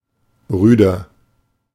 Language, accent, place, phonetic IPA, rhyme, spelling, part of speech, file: German, Germany, Berlin, [ˈʁyːdɐ], -yːdɐ, rüder, adjective, De-rüder.ogg
- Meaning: 1. comparative degree of rüde 2. inflection of rüde: strong/mixed nominative masculine singular 3. inflection of rüde: strong genitive/dative feminine singular